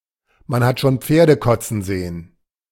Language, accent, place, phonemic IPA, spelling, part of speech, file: German, Germany, Berlin, /man ˌhat ʃoːn ˈpfeːrdə ˈkɔtsən ˌzeːən/, man hat schon Pferde kotzen sehen, proverb, De-man hat schon Pferde kotzen sehen.ogg
- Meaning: nothing is impossible; even a very unexpected event might occur